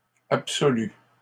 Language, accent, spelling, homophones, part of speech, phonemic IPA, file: French, Canada, absolus, absolu / absolue / absolues, adjective, /ap.sɔ.ly/, LL-Q150 (fra)-absolus.wav
- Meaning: masculine plural of absolu